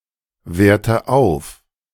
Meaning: inflection of aufwerten: 1. first-person singular present 2. first/third-person singular subjunctive I 3. singular imperative
- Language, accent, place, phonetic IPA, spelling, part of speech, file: German, Germany, Berlin, [ˌveːɐ̯tə ˈaʊ̯f], werte auf, verb, De-werte auf.ogg